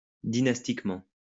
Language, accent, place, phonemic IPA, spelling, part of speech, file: French, France, Lyon, /di.nas.tik.mɑ̃/, dynastiquement, adverb, LL-Q150 (fra)-dynastiquement.wav
- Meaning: dynastically